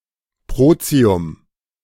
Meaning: protium
- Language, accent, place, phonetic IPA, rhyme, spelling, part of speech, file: German, Germany, Berlin, [ˈpʁoːt͡si̯ʊm], -oːt͡si̯ʊm, Protium, noun, De-Protium.ogg